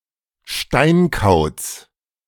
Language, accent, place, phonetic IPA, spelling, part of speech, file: German, Germany, Berlin, [ˈʃtaɪ̯nˌkaʊ̯t͡s], Steinkauz, noun, De-Steinkauz.ogg
- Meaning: little owl (species of owl)